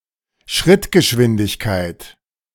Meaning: 1. walking pace 2. symbol rate
- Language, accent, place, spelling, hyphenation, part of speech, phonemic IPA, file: German, Germany, Berlin, Schrittgeschwindigkeit, Schritt‧ge‧schwin‧dig‧keit, noun, /ˈʃʁɪtɡəʃvɪndɪçkaɪt/, De-Schrittgeschwindigkeit.ogg